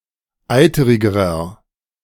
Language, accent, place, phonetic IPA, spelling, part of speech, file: German, Germany, Berlin, [ˈaɪ̯təʁɪɡəʁɐ], eiterigerer, adjective, De-eiterigerer.ogg
- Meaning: inflection of eiterig: 1. strong/mixed nominative masculine singular comparative degree 2. strong genitive/dative feminine singular comparative degree 3. strong genitive plural comparative degree